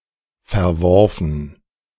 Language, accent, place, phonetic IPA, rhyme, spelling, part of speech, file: German, Germany, Berlin, [fɛɐ̯ˈvɔʁfn̩], -ɔʁfn̩, verworfen, adjective / verb, De-verworfen.ogg
- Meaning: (verb) past participle of verwerfen; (adjective) 1. discarded, scrapped 2. overruled 3. profligate, depraved 4. reprobate